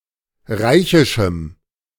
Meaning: strong dative masculine/neuter singular of reichisch
- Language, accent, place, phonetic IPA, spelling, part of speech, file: German, Germany, Berlin, [ˈʁaɪ̯çɪʃm̩], reichischem, adjective, De-reichischem.ogg